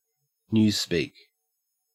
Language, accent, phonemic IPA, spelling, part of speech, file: English, Australia, /ˈn(j)uːspiːk/, newspeak, noun, En-au-newspeak.ogg
- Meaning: Use of ambiguous, misleading, or euphemistic words in order to deceive the listener, especially by politicians and officials